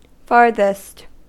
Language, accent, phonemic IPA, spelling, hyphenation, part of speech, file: English, US, /ˈfɑɹðɪst/, farthest, far‧thest, adjective / adverb, En-us-farthest.ogg
- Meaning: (adjective) Alternative form of furthest. (See also usage notes at further.)